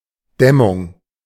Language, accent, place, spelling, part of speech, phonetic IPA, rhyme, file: German, Germany, Berlin, Dämmung, noun, [ˈdɛmʊŋ], -ɛmʊŋ, De-Dämmung.ogg
- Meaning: insulation